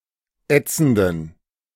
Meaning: inflection of ätzend: 1. strong genitive masculine/neuter singular 2. weak/mixed genitive/dative all-gender singular 3. strong/weak/mixed accusative masculine singular 4. strong dative plural
- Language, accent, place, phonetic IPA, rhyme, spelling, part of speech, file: German, Germany, Berlin, [ˈɛt͡sn̩dən], -ɛt͡sn̩dən, ätzenden, adjective, De-ätzenden.ogg